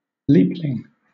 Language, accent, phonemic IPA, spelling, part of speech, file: English, Southern England, /ˈliplɪŋ/, leapling, noun, LL-Q1860 (eng)-leapling.wav
- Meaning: Someone born on a leap day, the 29th of February